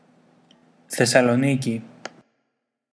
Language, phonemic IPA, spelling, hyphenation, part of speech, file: Greek, /θe.sa.loˈni.ci/, Θεσσαλονίκη, Θεσ‧σα‧λο‧νί‧κη, proper noun, Thessaloniki.ogg
- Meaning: Thessaloniki (a port city, the capital of Central Macedonia, in northern Greece)